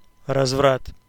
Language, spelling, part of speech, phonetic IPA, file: Russian, разврат, noun, [rɐzˈvrat], Ru-разврат.ogg
- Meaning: debauch, debauchery, depravity, dissipation, lechery